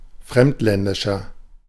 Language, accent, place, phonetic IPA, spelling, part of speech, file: German, Germany, Berlin, [ˈfʁɛmtˌlɛndɪʃɐ], fremdländischer, adjective, De-fremdländischer.ogg
- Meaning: 1. comparative degree of fremdländisch 2. inflection of fremdländisch: strong/mixed nominative masculine singular 3. inflection of fremdländisch: strong genitive/dative feminine singular